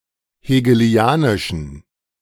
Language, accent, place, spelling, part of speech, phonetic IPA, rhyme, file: German, Germany, Berlin, hegelianischen, adjective, [heːɡəˈli̯aːnɪʃn̩], -aːnɪʃn̩, De-hegelianischen.ogg
- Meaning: inflection of hegelianisch: 1. strong genitive masculine/neuter singular 2. weak/mixed genitive/dative all-gender singular 3. strong/weak/mixed accusative masculine singular 4. strong dative plural